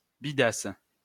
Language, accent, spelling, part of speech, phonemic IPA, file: French, France, bidasse, noun, /bi.das/, LL-Q150 (fra)-bidasse.wav
- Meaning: squaddie, grunt (ordinary soldier)